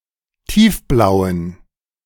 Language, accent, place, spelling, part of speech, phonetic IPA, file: German, Germany, Berlin, tiefblauen, adjective, [ˈtiːfˌblaʊ̯ən], De-tiefblauen.ogg
- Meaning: inflection of tiefblau: 1. strong genitive masculine/neuter singular 2. weak/mixed genitive/dative all-gender singular 3. strong/weak/mixed accusative masculine singular 4. strong dative plural